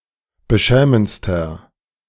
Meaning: inflection of beschämend: 1. strong/mixed nominative masculine singular superlative degree 2. strong genitive/dative feminine singular superlative degree 3. strong genitive plural superlative degree
- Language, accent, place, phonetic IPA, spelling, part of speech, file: German, Germany, Berlin, [bəˈʃɛːmənt͡stɐ], beschämendster, adjective, De-beschämendster.ogg